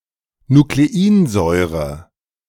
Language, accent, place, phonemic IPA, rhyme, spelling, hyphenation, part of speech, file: German, Germany, Berlin, /nukleˈiːnˌzɔɪ̯ʁə/, -iːnzɔɪ̯ʁə, Nukleinsäure, Nu‧kle‧in‧säu‧re, noun, De-Nukleinsäure.ogg
- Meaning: nucleic acid